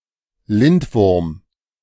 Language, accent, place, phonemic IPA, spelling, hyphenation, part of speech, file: German, Germany, Berlin, /ˈlɪntˌvʊʁm/, Lindwurm, Lind‧wurm, noun, De-Lindwurm.ogg
- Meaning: 1. lindworm, dragon, sea serpent 2. wyvern